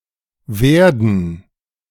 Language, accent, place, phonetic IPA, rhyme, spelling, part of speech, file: German, Germany, Berlin, [ˈvɛʁdn̩], -ɛʁdn̩, Werden, noun, De-Werden.ogg
- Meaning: gerund of werden; becoming (coming into being)